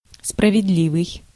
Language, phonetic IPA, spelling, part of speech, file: Russian, [sprəvʲɪdˈlʲivɨj], справедливый, adjective, Ru-справедливый.ogg
- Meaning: 1. just, fair 2. true, correct